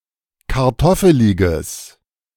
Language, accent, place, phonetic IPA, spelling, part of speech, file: German, Germany, Berlin, [kaʁˈtɔfəlɪɡəs], kartoffeliges, adjective, De-kartoffeliges.ogg
- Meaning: strong/mixed nominative/accusative neuter singular of kartoffelig